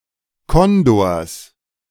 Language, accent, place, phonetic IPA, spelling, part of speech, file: German, Germany, Berlin, [ˈkɔndoːɐ̯s], Kondors, noun, De-Kondors.ogg
- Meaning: genitive singular of Kondor